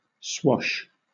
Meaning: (noun) The water that washes up on shore after an incoming wave has broken
- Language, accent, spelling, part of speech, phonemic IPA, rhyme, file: English, Southern England, swash, noun / verb / adjective, /swɒʃ/, -ɒʃ, LL-Q1860 (eng)-swash.wav